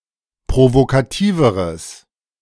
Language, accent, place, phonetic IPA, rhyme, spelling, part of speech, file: German, Germany, Berlin, [pʁovokaˈtiːvəʁəs], -iːvəʁəs, provokativeres, adjective, De-provokativeres.ogg
- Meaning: strong/mixed nominative/accusative neuter singular comparative degree of provokativ